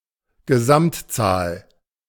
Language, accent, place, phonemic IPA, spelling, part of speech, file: German, Germany, Berlin, /ɡəˈzamtˌtsaːl/, Gesamtzahl, noun, De-Gesamtzahl.ogg
- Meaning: total number